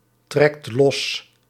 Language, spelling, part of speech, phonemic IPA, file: Dutch, trekt los, verb, /ˈtrɛkt ˈlɔs/, Nl-trekt los.ogg
- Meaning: inflection of lostrekken: 1. second/third-person singular present indicative 2. plural imperative